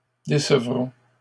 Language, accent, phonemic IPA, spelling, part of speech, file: French, Canada, /de.sə.vʁɔ̃/, décevrons, verb, LL-Q150 (fra)-décevrons.wav
- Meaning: first-person plural future of décevoir